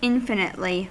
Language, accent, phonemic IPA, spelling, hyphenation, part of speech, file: English, US, /ˈɪnfɪnɪtli/, infinitely, in‧fi‧nite‧ly, adverb, En-us-infinitely.ogg
- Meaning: 1. In an infinite manner; as of anything growing without bounds; endlessly 2. To a surpassingly large extent